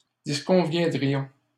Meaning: first-person plural conditional of disconvenir
- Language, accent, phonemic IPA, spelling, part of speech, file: French, Canada, /dis.kɔ̃.vjɛ̃.dʁi.jɔ̃/, disconviendrions, verb, LL-Q150 (fra)-disconviendrions.wav